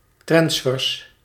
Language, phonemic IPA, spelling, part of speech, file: Dutch, /trɑnsˈfʏːrs/, transfers, noun, Nl-transfers.ogg
- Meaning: plural of transfer